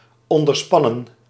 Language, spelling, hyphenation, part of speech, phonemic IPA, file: Dutch, onderspannen, on‧der‧span‧nen, verb / adjective, /ˌɔn.dərˈspɑ.nə(n)/, Nl-onderspannen.ogg
- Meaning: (verb) 1. to tighten, stress, or strain insufficiently 2. to subtend 3. past participle of onderspannen; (adjective) 1. strained or stressed insufficiently 2. emotionally dull or spiritless